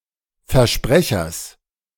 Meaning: genitive singular of Versprecher
- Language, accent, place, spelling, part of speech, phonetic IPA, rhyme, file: German, Germany, Berlin, Versprechers, noun, [fɛɐ̯ˈʃpʁɛçɐs], -ɛçɐs, De-Versprechers.ogg